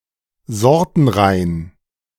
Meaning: unmixed
- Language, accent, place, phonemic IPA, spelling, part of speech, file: German, Germany, Berlin, /ˈzɔʁtn̩ˌʁaɪ̯n/, sortenrein, adjective, De-sortenrein.ogg